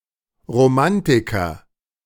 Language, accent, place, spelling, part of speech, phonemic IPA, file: German, Germany, Berlin, Romantiker, noun, /ʁoˈmantɪkɐ/, De-Romantiker.ogg
- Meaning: romantic, romanticist